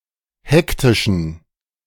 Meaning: inflection of hektisch: 1. strong genitive masculine/neuter singular 2. weak/mixed genitive/dative all-gender singular 3. strong/weak/mixed accusative masculine singular 4. strong dative plural
- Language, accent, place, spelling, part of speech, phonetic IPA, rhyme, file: German, Germany, Berlin, hektischen, adjective, [ˈhɛktɪʃn̩], -ɛktɪʃn̩, De-hektischen.ogg